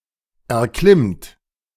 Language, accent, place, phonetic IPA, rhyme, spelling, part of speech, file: German, Germany, Berlin, [ɛɐ̯ˈklɪmt], -ɪmt, erklimmt, verb, De-erklimmt.ogg
- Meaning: inflection of erklimmen: 1. third-person singular present 2. second-person plural present 3. plural imperative